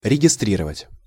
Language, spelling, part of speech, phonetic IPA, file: Russian, регистрировать, verb, [rʲɪɡʲɪˈstrʲirəvətʲ], Ru-регистрировать.ogg
- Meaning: 1. to register, to log, to record 2. to enroll